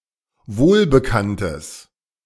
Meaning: strong/mixed nominative/accusative neuter singular of wohlbekannt
- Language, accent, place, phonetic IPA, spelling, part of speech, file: German, Germany, Berlin, [ˈvoːlbəˌkantəs], wohlbekanntes, adjective, De-wohlbekanntes.ogg